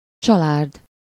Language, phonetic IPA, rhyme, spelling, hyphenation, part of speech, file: Hungarian, [ˈt͡ʃɒlaːrd], -aːrd, csalárd, csa‧lárd, adjective, Hu-csalárd.ogg
- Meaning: 1. false, deceitful, fraudulent 2. misleading, delusive (deceptive or tending to mislead or create a false impression)